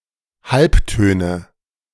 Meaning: nominative/accusative/genitive plural of Halbton
- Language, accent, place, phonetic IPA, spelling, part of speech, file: German, Germany, Berlin, [ˈhalpˌtøːnə], Halbtöne, noun, De-Halbtöne.ogg